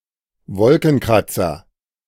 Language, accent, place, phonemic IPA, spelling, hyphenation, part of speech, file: German, Germany, Berlin, /ˈvɔlkn̩ˌkʁat͡sɐ/, Wolkenkratzer, Wol‧ken‧krat‧zer, noun, De-Wolkenkratzer.ogg
- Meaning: skyscraper (tall building)